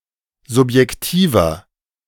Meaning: inflection of subjektiv: 1. strong/mixed nominative masculine singular 2. strong genitive/dative feminine singular 3. strong genitive plural
- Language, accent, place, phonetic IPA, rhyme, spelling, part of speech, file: German, Germany, Berlin, [zʊpjɛkˈtiːvɐ], -iːvɐ, subjektiver, adjective, De-subjektiver.ogg